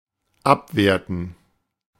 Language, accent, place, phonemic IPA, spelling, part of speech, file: German, Germany, Berlin, /ˈapveːʁtən/, abwerten, verb, De-abwerten.ogg
- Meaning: to devaluate, to denigrate, to depreciate, to devalue